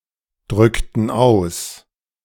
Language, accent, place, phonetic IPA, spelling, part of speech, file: German, Germany, Berlin, [ˌdʁʏktn̩ ˈaʊ̯s], drückten aus, verb, De-drückten aus.ogg
- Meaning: inflection of ausdrücken: 1. first/third-person plural preterite 2. first/third-person plural subjunctive II